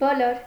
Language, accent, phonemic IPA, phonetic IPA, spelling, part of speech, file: Armenian, Eastern Armenian, /boˈloɾ/, [bolóɾ], բոլոր, adjective, Hy-բոլոր.ogg
- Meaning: all